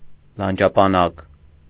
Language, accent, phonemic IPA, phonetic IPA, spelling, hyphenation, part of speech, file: Armenian, Eastern Armenian, /lɑnd͡ʒɑpɑˈnɑk/, [lɑnd͡ʒɑpɑnɑ́k], լանջապանակ, լան‧ջա‧պա‧նակ, noun, Hy-լանջապանակ.ogg
- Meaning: alternative form of լանջապան (lanǰapan)